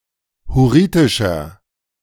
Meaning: inflection of hurritisch: 1. strong/mixed nominative masculine singular 2. strong genitive/dative feminine singular 3. strong genitive plural
- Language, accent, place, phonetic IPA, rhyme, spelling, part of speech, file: German, Germany, Berlin, [hʊˈʁiːtɪʃɐ], -iːtɪʃɐ, hurritischer, adjective, De-hurritischer.ogg